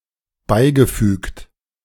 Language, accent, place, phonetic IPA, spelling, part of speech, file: German, Germany, Berlin, [ˈbaɪ̯ɡəˌfyːkt], beigefügt, verb, De-beigefügt.ogg
- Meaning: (verb) past participle of beifügen; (adjective) 1. enclosed 2. attached, accompanying